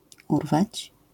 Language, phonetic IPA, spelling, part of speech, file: Polish, [ˈurvat͡ɕ], urwać, verb, LL-Q809 (pol)-urwać.wav